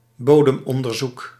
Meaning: 1. a soil survey, soil research 2. a thorough investigation, to get to the bottom of something
- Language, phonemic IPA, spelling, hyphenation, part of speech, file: Dutch, /ˈboː.dəmˌɔn.dər.zuk/, bodemonderzoek, bo‧dem‧on‧der‧zoek, noun, Nl-bodemonderzoek.ogg